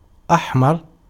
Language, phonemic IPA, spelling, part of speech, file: Arabic, /ʔaħ.mar/, أحمر, adjective, Ar-أحمر.ogg
- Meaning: 1. red 2. Japhetite, non-Semite